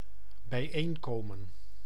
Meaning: to come together, to meet, to assemble
- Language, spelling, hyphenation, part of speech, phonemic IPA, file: Dutch, bijeenkomen, bij‧een‧ko‧men, verb, /bɛi̯ˈeːnˌkoː.mə(n)/, Nl-bijeenkomen.ogg